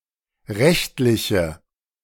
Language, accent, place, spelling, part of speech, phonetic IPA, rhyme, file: German, Germany, Berlin, rechtliche, adjective, [ˈʁɛçtlɪçə], -ɛçtlɪçə, De-rechtliche.ogg
- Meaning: inflection of rechtlich: 1. strong/mixed nominative/accusative feminine singular 2. strong nominative/accusative plural 3. weak nominative all-gender singular